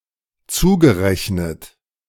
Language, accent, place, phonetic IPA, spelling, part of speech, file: German, Germany, Berlin, [ˈt͡suːɡəˌʁɛçnət], zugerechnet, verb, De-zugerechnet.ogg
- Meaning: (verb) past participle of zurechnen; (adjective) ascribed, attributed (to)